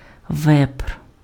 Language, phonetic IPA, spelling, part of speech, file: Ukrainian, [ʋɛpr], вепр, noun, Uk-вепр.ogg
- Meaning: wild boar (animal)